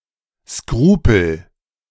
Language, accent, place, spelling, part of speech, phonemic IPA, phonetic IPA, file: German, Germany, Berlin, Skrupel, noun, /ˈskruːpəl/, [ˈskʁuː.pl̩], De-Skrupel.ogg
- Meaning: scruple, qualm (moral hesitation)